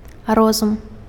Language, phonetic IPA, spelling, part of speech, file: Belarusian, [ˈrozum], розум, noun, Be-розум.ogg
- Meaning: reason, intellect